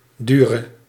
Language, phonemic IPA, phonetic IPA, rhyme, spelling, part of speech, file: Dutch, /ˈdy.rə/, [ˈdyː.rə], -yrə, dure, adjective / verb, Nl-dure.ogg
- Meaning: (adjective) inflection of duur: 1. masculine/feminine singular attributive 2. definite neuter singular attributive 3. plural attributive; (verb) singular present subjunctive of duren